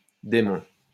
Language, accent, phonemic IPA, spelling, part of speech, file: French, France, /de.mɔ̃/, dæmon, noun, LL-Q150 (fra)-dæmon.wav
- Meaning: obsolete form of démon